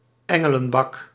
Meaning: the highest box(es) at a theatre, intended for VIP guests
- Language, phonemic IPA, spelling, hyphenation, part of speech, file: Dutch, /ˈɛ.ŋə.lə(n)ˌbɑk/, engelenbak, en‧ge‧len‧bak, noun, Nl-engelenbak.ogg